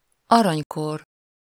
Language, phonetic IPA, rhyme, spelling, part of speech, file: Hungarian, [ˈɒrɒɲkor], -or, aranykor, noun, Hu-aranykor.ogg
- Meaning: 1. golden age (period of greatest happiness, prosperity, and/or progress) 2. Golden Age (the oldest and best of the Classical Ages of Man)